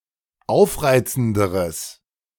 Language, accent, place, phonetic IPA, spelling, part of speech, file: German, Germany, Berlin, [ˈaʊ̯fˌʁaɪ̯t͡sn̩dəʁəs], aufreizenderes, adjective, De-aufreizenderes.ogg
- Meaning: strong/mixed nominative/accusative neuter singular comparative degree of aufreizend